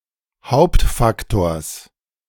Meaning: genitive singular of Hauptfaktor
- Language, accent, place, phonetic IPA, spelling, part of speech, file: German, Germany, Berlin, [ˈhaʊ̯ptfakˌtoːɐ̯s], Hauptfaktors, noun, De-Hauptfaktors.ogg